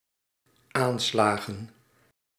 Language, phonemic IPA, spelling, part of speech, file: Dutch, /ˈanslaɣə(n)/, aanslagen, noun, Nl-aanslagen.ogg
- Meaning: plural of aanslag